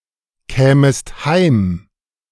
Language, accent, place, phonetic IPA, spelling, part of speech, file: German, Germany, Berlin, [ˌkɛːməst ˈhaɪ̯m], kämest heim, verb, De-kämest heim.ogg
- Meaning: second-person singular subjunctive I of heimkommen